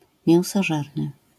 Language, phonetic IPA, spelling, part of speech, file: Polish, [ˌmʲjɛ̃w̃sɔˈʒɛrnɨ], mięsożerny, adjective, LL-Q809 (pol)-mięsożerny.wav